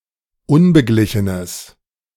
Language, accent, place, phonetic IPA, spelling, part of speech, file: German, Germany, Berlin, [ˈʊnbəˌɡlɪçənəs], unbeglichenes, adjective, De-unbeglichenes.ogg
- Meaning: strong/mixed nominative/accusative neuter singular of unbeglichen